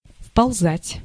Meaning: 1. to crawl in, to crawl inside 2. to crawl up, to climb up by crawling 3. to climb up with difficulty 4. to penetrate, to creep in (of fear, anxiety, etc.)
- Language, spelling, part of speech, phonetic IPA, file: Russian, вползать, verb, [fpɐɫˈzatʲ], Ru-вползать.ogg